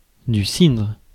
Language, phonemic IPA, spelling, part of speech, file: French, /sidʁ/, cidre, noun, Fr-cidre.ogg
- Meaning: cider